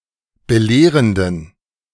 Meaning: inflection of belehrend: 1. strong genitive masculine/neuter singular 2. weak/mixed genitive/dative all-gender singular 3. strong/weak/mixed accusative masculine singular 4. strong dative plural
- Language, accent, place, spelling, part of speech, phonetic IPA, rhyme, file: German, Germany, Berlin, belehrenden, adjective, [bəˈleːʁəndn̩], -eːʁəndn̩, De-belehrenden.ogg